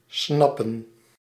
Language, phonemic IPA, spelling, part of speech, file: Dutch, /snɑ.pə(n)/, snappen, verb, Nl-snappen.ogg
- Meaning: 1. to get, to understand 2. to catch in the act